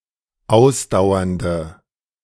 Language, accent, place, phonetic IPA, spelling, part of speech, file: German, Germany, Berlin, [ˈaʊ̯sdaʊ̯ɐndə], ausdauernde, adjective, De-ausdauernde.ogg
- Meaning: inflection of ausdauernd: 1. strong/mixed nominative/accusative feminine singular 2. strong nominative/accusative plural 3. weak nominative all-gender singular